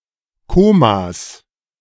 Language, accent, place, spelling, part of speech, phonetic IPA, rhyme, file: German, Germany, Berlin, Komas, noun, [ˈkoːmas], -oːmas, De-Komas.ogg
- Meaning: plural of Koma